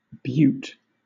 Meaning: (noun) 1. Something or someone that is physically attractive 2. Something that is a remarkable example of its type; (adjective) Beautiful, splendid
- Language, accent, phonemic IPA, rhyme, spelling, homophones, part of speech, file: English, Southern England, /bjuːt/, -uːt, beaut, butte / Bute / Butte, noun / adjective, LL-Q1860 (eng)-beaut.wav